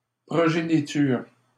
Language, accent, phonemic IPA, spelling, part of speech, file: French, Canada, /pʁɔ.ʒe.ni.tyʁ/, progéniture, noun, LL-Q150 (fra)-progéniture.wav
- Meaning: offspring, progeny